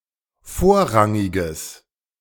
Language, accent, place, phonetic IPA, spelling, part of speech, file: German, Germany, Berlin, [ˈfoːɐ̯ˌʁaŋɪɡəs], vorrangiges, adjective, De-vorrangiges.ogg
- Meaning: strong/mixed nominative/accusative neuter singular of vorrangig